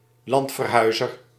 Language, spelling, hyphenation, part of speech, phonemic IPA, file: Dutch, landverhuizer, land‧ver‧hui‧zer, noun, /ˈlɑnt.vərˌɦœy̯.zər/, Nl-landverhuizer.ogg
- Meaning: emigrant, migrant